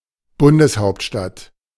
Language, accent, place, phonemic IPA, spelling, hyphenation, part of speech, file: German, Germany, Berlin, /ˈbʊndəsˌhaʊ̯ptʃtat/, Bundeshauptstadt, Bun‧des‧haupt‧stadt, noun, De-Bundeshauptstadt.ogg
- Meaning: federal capital (capital city of a federal union)